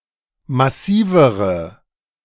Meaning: inflection of massiv: 1. strong/mixed nominative/accusative feminine singular comparative degree 2. strong nominative/accusative plural comparative degree
- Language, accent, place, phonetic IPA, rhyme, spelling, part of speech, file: German, Germany, Berlin, [maˈsiːvəʁə], -iːvəʁə, massivere, adjective, De-massivere.ogg